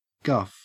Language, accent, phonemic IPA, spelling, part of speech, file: English, Australia, /ɡɐf/, guff, noun / verb, En-au-guff.ogg
- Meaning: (noun) 1. Nonsensical talk or thinking 2. Superfluous information 3. Insolent or otherwise unacceptable remarks 4. A fart; act of breaking wind; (verb) 1. To fart 2. To mislead